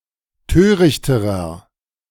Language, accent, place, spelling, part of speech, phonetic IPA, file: German, Germany, Berlin, törichterer, adjective, [ˈtøːʁɪçtəʁɐ], De-törichterer.ogg
- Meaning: inflection of töricht: 1. strong/mixed nominative masculine singular comparative degree 2. strong genitive/dative feminine singular comparative degree 3. strong genitive plural comparative degree